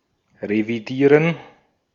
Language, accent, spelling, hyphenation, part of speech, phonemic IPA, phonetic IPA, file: German, Austria, revidieren, re‧vi‧die‧ren, verb, /ʁeviˈdiːʁən/, [ʁeviˈdiːɐ̯n], De-at-revidieren.ogg
- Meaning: 1. to revise, check, amend 2. to overhaul